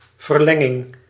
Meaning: 1. extension (act or process of making/becoming longer) 2. extra time
- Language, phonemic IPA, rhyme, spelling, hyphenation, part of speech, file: Dutch, /vərˈlɛ.ŋɪŋ/, -ɛŋɪŋ, verlenging, ver‧len‧ging, noun, Nl-verlenging.ogg